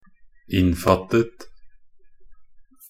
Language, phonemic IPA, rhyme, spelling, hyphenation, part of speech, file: Norwegian Bokmål, /ˈɪnːfatːət/, -ət, innfattet, inn‧fatt‧et, verb, Nb-innfattet.ogg
- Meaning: simple past and past participle of innfatte